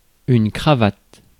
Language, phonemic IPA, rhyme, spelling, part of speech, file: French, /kʁa.vat/, -at, cravate, noun / verb, Fr-cravate.ogg
- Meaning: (noun) 1. necktie 2. headlock (wrestling move) 3. Situation in which a canoe is stuck on a rock; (verb) inflection of cravater: first/third-person singular present indicative/subjunctive